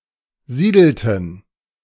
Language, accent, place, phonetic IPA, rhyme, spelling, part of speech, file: German, Germany, Berlin, [ˈziːdl̩tn̩], -iːdl̩tn̩, siedelten, verb, De-siedelten.ogg
- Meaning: inflection of siedeln: 1. first/third-person plural preterite 2. first/third-person plural subjunctive II